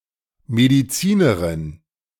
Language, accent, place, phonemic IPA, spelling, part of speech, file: German, Germany, Berlin, /ˌmediˈt͡siːnəʁɪn/, Medizinerin, noun, De-Medizinerin.ogg
- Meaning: doctor (female) (physician)